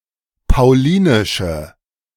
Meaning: strong dative masculine/neuter singular of paulinisch
- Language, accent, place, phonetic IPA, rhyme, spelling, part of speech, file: German, Germany, Berlin, [paʊ̯ˈliːnɪʃm̩], -iːnɪʃm̩, paulinischem, adjective, De-paulinischem.ogg